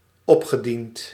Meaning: past participle of opdienen
- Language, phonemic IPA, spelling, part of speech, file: Dutch, /ˈɔpxɛˌdint/, opgediend, verb, Nl-opgediend.ogg